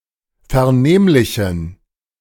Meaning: inflection of vernehmlich: 1. strong genitive masculine/neuter singular 2. weak/mixed genitive/dative all-gender singular 3. strong/weak/mixed accusative masculine singular 4. strong dative plural
- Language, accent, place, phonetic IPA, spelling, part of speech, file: German, Germany, Berlin, [fɛɐ̯ˈneːmlɪçn̩], vernehmlichen, adjective, De-vernehmlichen.ogg